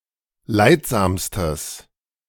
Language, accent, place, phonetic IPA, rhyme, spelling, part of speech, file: German, Germany, Berlin, [ˈlaɪ̯tˌzaːmstəs], -aɪ̯tzaːmstəs, leidsamstes, adjective, De-leidsamstes.ogg
- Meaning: strong/mixed nominative/accusative neuter singular superlative degree of leidsam